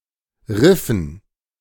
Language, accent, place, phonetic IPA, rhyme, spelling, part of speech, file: German, Germany, Berlin, [ˈʁɪfn̩], -ɪfn̩, Riffen, noun, De-Riffen.ogg
- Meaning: dative plural of Riff